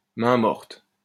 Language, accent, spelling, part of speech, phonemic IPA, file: French, France, mainmorte, noun, /mɛ̃.mɔʁt/, LL-Q150 (fra)-mainmorte.wav
- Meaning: mortmain